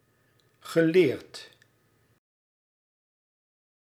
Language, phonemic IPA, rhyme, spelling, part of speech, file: Dutch, /ɣəˈleːrt/, -eːrt, geleerd, adjective / verb, Nl-geleerd.ogg
- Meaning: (adjective) 1. learned 2. educated; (verb) past participle of leren